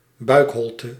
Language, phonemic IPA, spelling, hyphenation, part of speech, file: Dutch, /ˈbœy̯kˌɦɔl.tə/, buikholte, buik‧hol‧te, noun, Nl-buikholte.ogg
- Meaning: abdominal cavity